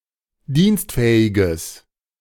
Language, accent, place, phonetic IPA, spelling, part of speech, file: German, Germany, Berlin, [ˈdiːnstˌfɛːɪɡəs], dienstfähiges, adjective, De-dienstfähiges.ogg
- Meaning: strong/mixed nominative/accusative neuter singular of dienstfähig